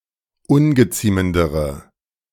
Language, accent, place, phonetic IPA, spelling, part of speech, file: German, Germany, Berlin, [ˈʊnɡəˌt͡siːməndəʁə], ungeziemendere, adjective, De-ungeziemendere.ogg
- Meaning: inflection of ungeziemend: 1. strong/mixed nominative/accusative feminine singular comparative degree 2. strong nominative/accusative plural comparative degree